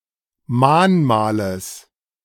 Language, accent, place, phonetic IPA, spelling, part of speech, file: German, Germany, Berlin, [ˈmaːnˌmaːləs], Mahnmales, noun, De-Mahnmales.ogg
- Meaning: genitive singular of Mahnmal